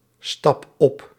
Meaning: inflection of opstappen: 1. first-person singular present indicative 2. second-person singular present indicative 3. imperative
- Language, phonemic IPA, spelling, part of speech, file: Dutch, /ˈstɑp ˈɔp/, stap op, verb, Nl-stap op.ogg